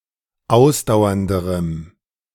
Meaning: strong dative masculine/neuter singular comparative degree of ausdauernd
- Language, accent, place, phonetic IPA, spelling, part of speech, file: German, Germany, Berlin, [ˈaʊ̯sdaʊ̯ɐndəʁəm], ausdauernderem, adjective, De-ausdauernderem.ogg